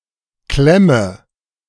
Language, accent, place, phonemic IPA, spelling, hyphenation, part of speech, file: German, Germany, Berlin, /ˈklɛmə/, Klemme, Klem‧me, noun, De-Klemme.ogg
- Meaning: 1. clamp 2. grip 3. difficult situation, predicament